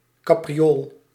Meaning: 1. a leap, a caper 2. a caper, a mischievous prank
- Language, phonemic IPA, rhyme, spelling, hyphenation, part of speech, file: Dutch, /ˌkaː.priˈoːl/, -oːl, capriool, ca‧pri‧ool, noun, Nl-capriool.ogg